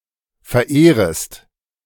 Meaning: second-person singular subjunctive I of verehren
- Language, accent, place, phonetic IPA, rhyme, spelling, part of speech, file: German, Germany, Berlin, [fɛɐ̯ˈʔeːʁəst], -eːʁəst, verehrest, verb, De-verehrest.ogg